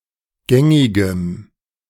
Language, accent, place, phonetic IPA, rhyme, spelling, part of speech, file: German, Germany, Berlin, [ˈɡɛŋɪɡəm], -ɛŋɪɡəm, gängigem, adjective, De-gängigem.ogg
- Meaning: strong dative masculine/neuter singular of gängig